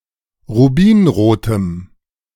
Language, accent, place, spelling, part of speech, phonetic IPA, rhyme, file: German, Germany, Berlin, rubinrotem, adjective, [ʁuˈbiːnʁoːtəm], -iːnʁoːtəm, De-rubinrotem.ogg
- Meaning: strong dative masculine/neuter singular of rubinrot